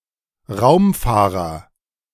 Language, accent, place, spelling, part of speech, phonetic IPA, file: German, Germany, Berlin, Raumfahrer, noun, [ˈʁaʊ̯mˌfaːʁɐ], De-Raumfahrer.ogg
- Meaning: astronaut